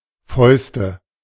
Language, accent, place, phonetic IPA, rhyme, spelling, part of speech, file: German, Germany, Berlin, [ˈfɔɪ̯stə], -ɔɪ̯stə, Fäuste, noun, De-Fäuste.ogg
- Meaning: nominative/accusative/genitive plural of Faust